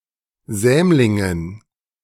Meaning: dative plural of Sämling
- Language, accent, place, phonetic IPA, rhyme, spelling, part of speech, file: German, Germany, Berlin, [ˈzɛːmlɪŋən], -ɛːmlɪŋən, Sämlingen, noun, De-Sämlingen.ogg